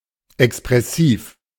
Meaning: expressive
- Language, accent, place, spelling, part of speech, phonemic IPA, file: German, Germany, Berlin, expressiv, adjective, /ɛkspʁɛˈsiːf/, De-expressiv.ogg